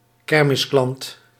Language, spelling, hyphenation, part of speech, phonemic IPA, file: Dutch, kermisklant, ker‧mis‧klant, noun, /ˈkɛr.mɪsˌklɑnt/, Nl-kermisklant.ogg
- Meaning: 1. funfair worker, carnival worker, carny 2. funfair customer